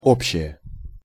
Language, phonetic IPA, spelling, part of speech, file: Russian, [ˈopɕːɪje], общее, adjective, Ru-общее.ogg
- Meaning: neuter nominative singular of о́бщий (óbščij)